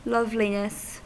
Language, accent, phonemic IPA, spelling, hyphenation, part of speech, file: English, UK, /ˈlʌvlinəs/, loveliness, love‧li‧ness, noun, En-us-loveliness.ogg
- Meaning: 1. The property of being lovely, of attractiveness, beauty, appearing to be lovable 2. The result of being lovely 3. A group of ladybirds